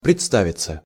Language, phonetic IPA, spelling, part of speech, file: Russian, [prʲɪt͡sˈtavʲɪt͡sə], представиться, verb, Ru-представиться.ogg
- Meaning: 1. to occur, to present itself; to offer, to arise 2. to introduce oneself 3. to seem 4. to pretend (to be), to pass oneself off (as) 5. passive of предста́вить (predstávitʹ)